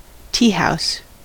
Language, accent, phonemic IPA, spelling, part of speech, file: English, US, /ˈtiˌhaʊs/, teahouse, noun, En-us-teahouse.ogg
- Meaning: 1. A cafe or restaurant that serves tea, usually with light food 2. A public lavatory 3. A public lavatory.: A meeting place for gay men